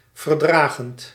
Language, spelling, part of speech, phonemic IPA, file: Dutch, verdragend, verb / adjective, /vərˈdraɣənt/, Nl-verdragend.ogg
- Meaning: present participle of verdragen